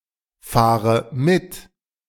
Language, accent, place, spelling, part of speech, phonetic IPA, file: German, Germany, Berlin, fahre mit, verb, [ˌfaːʁə ˈmɪt], De-fahre mit.ogg
- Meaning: inflection of mitfahren: 1. first-person singular present 2. first/third-person singular subjunctive I 3. singular imperative